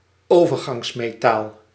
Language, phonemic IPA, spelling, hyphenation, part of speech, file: Dutch, /ˈoː.vər.ɣɑŋs.meːˌtaːl/, overgangsmetaal, over‧gangs‧me‧taal, noun, Nl-overgangsmetaal.ogg
- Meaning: transition metal